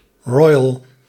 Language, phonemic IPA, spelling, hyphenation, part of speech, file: Dutch, /ˈrɔjəl/, royal, ro‧yal, noun, Nl-royal.ogg
- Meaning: royal